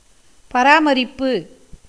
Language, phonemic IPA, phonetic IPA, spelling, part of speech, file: Tamil, /pɐɾɑːmɐɾɪpːɯ/, [pɐɾäːmɐɾɪpːɯ], பராமரிப்பு, noun, Ta-பராமரிப்பு.ogg
- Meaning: 1. maintenance; support 2. management